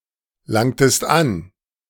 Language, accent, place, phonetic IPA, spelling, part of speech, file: German, Germany, Berlin, [ˌlaŋtəst ˈan], langtest an, verb, De-langtest an.ogg
- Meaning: inflection of anlangen: 1. second-person singular preterite 2. second-person singular subjunctive II